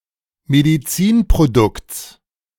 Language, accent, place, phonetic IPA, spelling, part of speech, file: German, Germany, Berlin, [mediˈt͡siːnpʁoˌdʊkt͡s], Medizinprodukts, noun, De-Medizinprodukts.ogg
- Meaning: genitive singular of Medizinprodukt